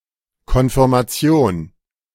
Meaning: 1. confirmation (ceremony of conscious acknowledgement of the faith) 2. confirmation; verification
- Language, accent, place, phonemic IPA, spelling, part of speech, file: German, Germany, Berlin, /kɔnfɪʁmaˈt͡si̯oːn/, Konfirmation, noun, De-Konfirmation.ogg